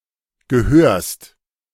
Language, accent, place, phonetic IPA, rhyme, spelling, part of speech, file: German, Germany, Berlin, [ɡəˈhøːɐ̯st], -øːɐ̯st, gehörst, verb, De-gehörst.ogg
- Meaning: second-person singular present of gehören